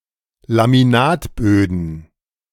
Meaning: genitive singular of Laminatboden
- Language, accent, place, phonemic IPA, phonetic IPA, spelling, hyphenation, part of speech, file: German, Germany, Berlin, /lamiˈnaːtˌbøːdən/, [lamiˈnaːtˌbøːdn̩], Laminatböden, La‧mi‧nat‧bö‧den, noun, De-Laminatböden.ogg